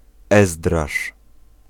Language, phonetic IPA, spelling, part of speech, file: Polish, [ˈɛzdraʃ], Ezdrasz, proper noun, Pl-Ezdrasz.ogg